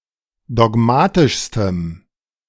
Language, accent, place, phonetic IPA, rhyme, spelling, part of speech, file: German, Germany, Berlin, [dɔˈɡmaːtɪʃstəm], -aːtɪʃstəm, dogmatischstem, adjective, De-dogmatischstem.ogg
- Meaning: strong dative masculine/neuter singular superlative degree of dogmatisch